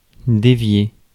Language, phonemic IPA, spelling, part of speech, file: French, /de.vje/, dévier, verb, Fr-dévier.ogg
- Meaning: 1. to divert 2. to deviate, stray, go off course 3. to deflect, parry